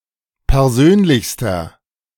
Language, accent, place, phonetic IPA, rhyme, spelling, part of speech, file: German, Germany, Berlin, [pɛʁˈzøːnlɪçstɐ], -øːnlɪçstɐ, persönlichster, adjective, De-persönlichster.ogg
- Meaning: inflection of persönlich: 1. strong/mixed nominative masculine singular superlative degree 2. strong genitive/dative feminine singular superlative degree 3. strong genitive plural superlative degree